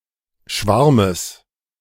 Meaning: genitive singular of Schwarm
- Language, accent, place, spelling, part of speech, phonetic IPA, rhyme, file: German, Germany, Berlin, Schwarmes, noun, [ˈʃvaʁməs], -aʁməs, De-Schwarmes.ogg